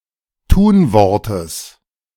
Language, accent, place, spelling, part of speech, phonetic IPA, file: German, Germany, Berlin, Tunwortes, noun, [ˈtuːnˌvɔʁtəs], De-Tunwortes.ogg
- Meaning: genitive singular of Tunwort